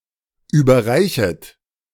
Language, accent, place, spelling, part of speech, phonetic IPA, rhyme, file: German, Germany, Berlin, überreichet, verb, [ˌyːbɐˈʁaɪ̯çət], -aɪ̯çət, De-überreichet.ogg
- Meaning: second-person plural subjunctive I of überreichen